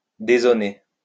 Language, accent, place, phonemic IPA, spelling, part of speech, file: French, France, Lyon, /de.zo.ne/, dézoner, verb, LL-Q150 (fra)-dézoner.wav
- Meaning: 1. to dezone (remove zoning) 2. to stray from one's allotted position of the field